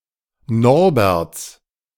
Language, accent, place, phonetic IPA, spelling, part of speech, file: German, Germany, Berlin, [ˈnɔʁbɛʁt͡s], Norberts, noun, De-Norberts.ogg
- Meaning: 1. genitive singular of Norbert 2. plural of Norbert